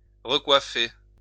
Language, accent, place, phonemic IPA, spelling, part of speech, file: French, France, Lyon, /ʁə.kwa.fe/, recoiffer, verb, LL-Q150 (fra)-recoiffer.wav
- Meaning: to fix one's hair (again, or after being disturbed)